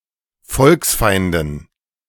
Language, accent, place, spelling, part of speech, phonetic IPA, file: German, Germany, Berlin, Volksfeinden, noun, [ˈfɔlksˌfaɪ̯ndn̩], De-Volksfeinden.ogg
- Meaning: dative plural of Volksfeind